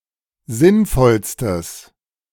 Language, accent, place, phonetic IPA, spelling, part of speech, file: German, Germany, Berlin, [ˈzɪnˌfɔlstəs], sinnvollstes, adjective, De-sinnvollstes.ogg
- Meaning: strong/mixed nominative/accusative neuter singular superlative degree of sinnvoll